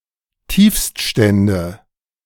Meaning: nominative/accusative/genitive plural of Tiefststand
- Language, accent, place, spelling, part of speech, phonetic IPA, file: German, Germany, Berlin, Tiefststände, noun, [ˈtiːfstˌʃtɛndə], De-Tiefststände.ogg